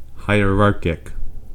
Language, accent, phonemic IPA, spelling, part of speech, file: English, US, /haɪˈɹɑɹ.kɪk/, hierarchic, adjective, En-us-hierarchic.ogg
- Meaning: 1. Synonym of hierarchal (“pertaining to a hierarch (high-ranking clergyman)”) 2. Synonym of hierarchical (“pertaining to a hierarchy (ranking)”)